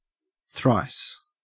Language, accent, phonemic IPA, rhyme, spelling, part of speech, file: English, Australia, /θɹaɪs/, -aɪs, thrice, adverb, En-au-thrice.ogg
- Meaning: Three times